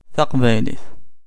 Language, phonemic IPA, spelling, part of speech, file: Kabyle, /ˌθaq.βajˈliθ/, taqbaylit, noun, Kab-Taqbaylit.ogg
- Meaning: 1. female equivalent of aqbayli: Kabyle woman 2. female equivalent of aqbayli: code of honour 3. Kabyle (a Northern Berber language of Algeria)